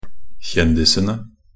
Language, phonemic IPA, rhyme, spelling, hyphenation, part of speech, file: Norwegian Bokmål, /ˈçɛndɪsənə/, -ənə, kjendisene, kjen‧di‧se‧ne, noun, Nb-kjendisene.ogg
- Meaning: definite plural of kjendis